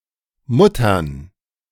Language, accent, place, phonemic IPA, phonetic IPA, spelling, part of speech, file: German, Germany, Berlin, /ˈmʊtərn/, [ˈmʊtɐn], Muttern, noun, De-Muttern.ogg
- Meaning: 1. all-case plural of Mutter (“nut for a bolt”) 2. strong dative/accusative singular of Mutter (“mum, mother”)